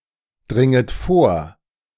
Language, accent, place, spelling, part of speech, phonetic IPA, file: German, Germany, Berlin, dringet vor, verb, [ˌdʁɪŋət ˈfoːɐ̯], De-dringet vor.ogg
- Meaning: second-person plural subjunctive I of vordringen